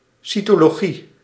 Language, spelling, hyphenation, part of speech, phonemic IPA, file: Dutch, cytologie, cy‧to‧lo‧gie, noun, /ˌsi.toː.loːˈɣi/, Nl-cytologie.ogg
- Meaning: cytology (cell biology)